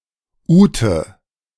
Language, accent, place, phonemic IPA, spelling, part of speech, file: German, Germany, Berlin, /ˈuːtə/, Ute, proper noun, De-Ute.ogg
- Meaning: a female given name